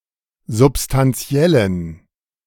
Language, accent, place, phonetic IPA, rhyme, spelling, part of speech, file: German, Germany, Berlin, [zʊpstanˈt͡si̯ɛlən], -ɛlən, substantiellen, adjective, De-substantiellen.ogg
- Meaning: inflection of substantiell: 1. strong genitive masculine/neuter singular 2. weak/mixed genitive/dative all-gender singular 3. strong/weak/mixed accusative masculine singular 4. strong dative plural